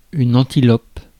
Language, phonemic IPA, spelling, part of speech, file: French, /ɑ̃.ti.lɔp/, antilope, noun, Fr-antilope.ogg
- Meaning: antelope